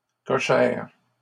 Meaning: only used in porte cochère
- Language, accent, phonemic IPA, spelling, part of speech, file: French, Canada, /kɔ.ʃɛʁ/, cochère, adjective, LL-Q150 (fra)-cochère.wav